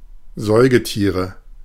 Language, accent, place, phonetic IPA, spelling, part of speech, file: German, Germany, Berlin, [ˈzɔɪ̯ɡəˌtiːʁə], Säugetiere, noun, De-Säugetiere.ogg
- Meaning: nominative/accusative/genitive plural of Säugetier